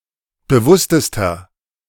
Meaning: inflection of bewusst: 1. strong/mixed nominative masculine singular superlative degree 2. strong genitive/dative feminine singular superlative degree 3. strong genitive plural superlative degree
- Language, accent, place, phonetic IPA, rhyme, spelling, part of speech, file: German, Germany, Berlin, [bəˈvʊstəstɐ], -ʊstəstɐ, bewusstester, adjective, De-bewusstester.ogg